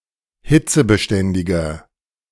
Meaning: 1. comparative degree of hitzebeständig 2. inflection of hitzebeständig: strong/mixed nominative masculine singular 3. inflection of hitzebeständig: strong genitive/dative feminine singular
- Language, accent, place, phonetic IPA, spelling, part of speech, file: German, Germany, Berlin, [ˈhɪt͡səbəˌʃtɛndɪɡɐ], hitzebeständiger, adjective, De-hitzebeständiger.ogg